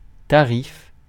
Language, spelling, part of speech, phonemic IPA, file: French, tarif, noun, /ta.ʁif/, Fr-tarif.ogg
- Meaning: price (usually of a service)